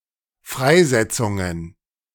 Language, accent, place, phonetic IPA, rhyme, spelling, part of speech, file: German, Germany, Berlin, [ˈfʁaɪ̯ˌzɛt͡sʊŋən], -aɪ̯zɛt͡sʊŋən, Freisetzungen, noun, De-Freisetzungen.ogg
- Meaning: plural of Freisetzung